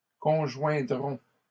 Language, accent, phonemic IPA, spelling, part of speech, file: French, Canada, /kɔ̃.ʒwɛ̃.dʁɔ̃/, conjoindrons, verb, LL-Q150 (fra)-conjoindrons.wav
- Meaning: first-person plural simple future of conjoindre